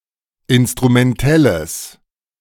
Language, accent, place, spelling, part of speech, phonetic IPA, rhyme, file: German, Germany, Berlin, instrumentelles, adjective, [ˌɪnstʁumɛnˈtɛləs], -ɛləs, De-instrumentelles.ogg
- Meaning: strong/mixed nominative/accusative neuter singular of instrumentell